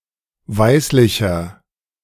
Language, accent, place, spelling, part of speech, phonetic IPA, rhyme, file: German, Germany, Berlin, weißlicher, adjective, [ˈvaɪ̯slɪçɐ], -aɪ̯slɪçɐ, De-weißlicher.ogg
- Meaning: inflection of weißlich: 1. strong/mixed nominative masculine singular 2. strong genitive/dative feminine singular 3. strong genitive plural